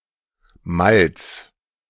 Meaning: malt
- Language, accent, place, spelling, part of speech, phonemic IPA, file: German, Germany, Berlin, Malz, noun, /malt͡s/, De-Malz.ogg